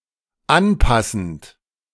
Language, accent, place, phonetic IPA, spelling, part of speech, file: German, Germany, Berlin, [ˈanˌpasn̩t], anpassend, verb, De-anpassend.ogg
- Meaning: present participle of anpassen